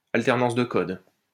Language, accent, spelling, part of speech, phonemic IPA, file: French, France, alternance de code, noun, /al.tɛʁ.nɑ̃s də kɔd/, LL-Q150 (fra)-alternance de code.wav
- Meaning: code-switching